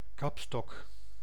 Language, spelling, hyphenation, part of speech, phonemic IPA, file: Dutch, kapstok, kap‧stok, noun, /ˈkɑpˌstɔk/, Nl-kapstok.ogg
- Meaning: hat- and coatstand, hatrack